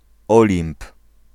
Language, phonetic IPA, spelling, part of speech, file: Polish, [ˈɔlʲĩmp], Olimp, proper noun, Pl-Olimp.ogg